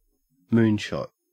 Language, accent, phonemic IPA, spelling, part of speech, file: English, Australia, /ˈmuːn ʃɔt/, moon shot, noun, En-au-moon shot.ogg
- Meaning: 1. The launching of a spacecraft or an object to orbit or land on the Moon 2. An act of throwing or hitting a ball with a high trajectory